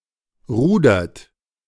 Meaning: inflection of rudern: 1. third-person singular present 2. second-person plural present 3. plural imperative
- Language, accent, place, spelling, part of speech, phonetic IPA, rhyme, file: German, Germany, Berlin, rudert, verb, [ˈʁuːdɐt], -uːdɐt, De-rudert.ogg